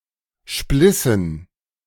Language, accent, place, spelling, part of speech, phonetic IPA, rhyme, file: German, Germany, Berlin, splissen, verb, [ˈʃplɪsn̩], -ɪsn̩, De-splissen.ogg
- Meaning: inflection of spleißen: 1. first/third-person plural preterite 2. first/third-person plural subjunctive II